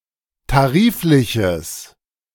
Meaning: strong/mixed nominative/accusative neuter singular of tariflich
- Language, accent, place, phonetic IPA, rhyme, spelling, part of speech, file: German, Germany, Berlin, [taˈʁiːflɪçəs], -iːflɪçəs, tarifliches, adjective, De-tarifliches.ogg